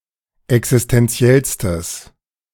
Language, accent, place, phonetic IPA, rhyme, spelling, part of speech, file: German, Germany, Berlin, [ɛksɪstɛnˈt͡si̯ɛlstəs], -ɛlstəs, existentiellstes, adjective, De-existentiellstes.ogg
- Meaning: strong/mixed nominative/accusative neuter singular superlative degree of existentiell